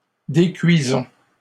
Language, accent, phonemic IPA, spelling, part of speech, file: French, Canada, /de.kɥi.zɔ̃/, décuisons, verb, LL-Q150 (fra)-décuisons.wav
- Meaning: inflection of décuire: 1. first-person plural present indicative 2. first-person plural imperative